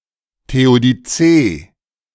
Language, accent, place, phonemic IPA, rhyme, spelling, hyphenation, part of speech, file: German, Germany, Berlin, /teodiˈtseː/, -eː, Theodizee, The‧o‧di‧zee, noun, De-Theodizee.ogg
- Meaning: theodicy (a justification of a deity)